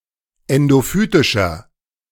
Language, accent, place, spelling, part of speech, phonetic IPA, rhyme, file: German, Germany, Berlin, endophytischer, adjective, [ˌɛndoˈfyːtɪʃɐ], -yːtɪʃɐ, De-endophytischer.ogg
- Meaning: inflection of endophytisch: 1. strong/mixed nominative masculine singular 2. strong genitive/dative feminine singular 3. strong genitive plural